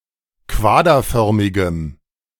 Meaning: strong dative masculine/neuter singular of quaderförmig
- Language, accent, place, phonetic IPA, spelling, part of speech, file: German, Germany, Berlin, [ˈkvaːdɐˌfœʁmɪɡəm], quaderförmigem, adjective, De-quaderförmigem.ogg